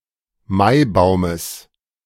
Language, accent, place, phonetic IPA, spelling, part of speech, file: German, Germany, Berlin, [ˈmaɪ̯ˌbaʊ̯məs], Maibaumes, noun, De-Maibaumes.ogg
- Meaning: genitive singular of Maibaum